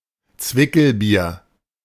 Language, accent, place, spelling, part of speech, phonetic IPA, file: German, Germany, Berlin, Zwickelbier, noun, [ˈt͡svɪkl̩ˌbiːɐ̯], De-Zwickelbier.ogg
- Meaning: a kind of German beer, a weaker and less hoppy variant of Kellerbier